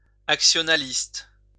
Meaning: actionalist
- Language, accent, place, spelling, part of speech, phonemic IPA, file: French, France, Lyon, actionnaliste, adjective, /ak.sjɔ.na.list/, LL-Q150 (fra)-actionnaliste.wav